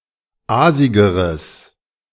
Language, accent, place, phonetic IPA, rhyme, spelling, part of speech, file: German, Germany, Berlin, [ˈaːzɪɡəʁəs], -aːzɪɡəʁəs, aasigeres, adjective, De-aasigeres.ogg
- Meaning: strong/mixed nominative/accusative neuter singular comparative degree of aasig